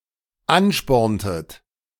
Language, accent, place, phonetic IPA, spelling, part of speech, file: German, Germany, Berlin, [ˈanˌʃpɔʁntət], ansporntet, verb, De-ansporntet.ogg
- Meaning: inflection of anspornen: 1. second-person plural dependent preterite 2. second-person plural dependent subjunctive II